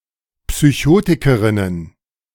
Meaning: plural of Psychotikerin
- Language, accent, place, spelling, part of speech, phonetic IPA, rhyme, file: German, Germany, Berlin, Psychotikerinnen, noun, [psyˈçoːtɪkəʁɪnən], -oːtɪkəʁɪnən, De-Psychotikerinnen.ogg